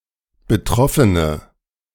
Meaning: nominative/accusative/genitive plural of Betroffener
- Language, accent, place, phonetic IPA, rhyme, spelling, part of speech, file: German, Germany, Berlin, [bəˈtʁɔfənə], -ɔfənə, Betroffene, noun, De-Betroffene.ogg